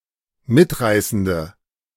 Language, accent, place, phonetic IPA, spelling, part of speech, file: German, Germany, Berlin, [ˈmɪtˌʁaɪ̯sn̩də], mitreißende, adjective, De-mitreißende.ogg
- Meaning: inflection of mitreißend: 1. strong/mixed nominative/accusative feminine singular 2. strong nominative/accusative plural 3. weak nominative all-gender singular